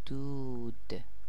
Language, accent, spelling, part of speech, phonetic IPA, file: Persian, Iran, دود, noun, [d̪uːd̪̥], Fa-دود.ogg
- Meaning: 1. smoke 2. sadness, anguish